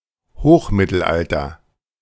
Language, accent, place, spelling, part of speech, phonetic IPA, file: German, Germany, Berlin, Hochmittelalter, noun, [ˈhoːxˌmɪtl̩ʔaltɐ], De-Hochmittelalter.ogg
- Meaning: High Middle Ages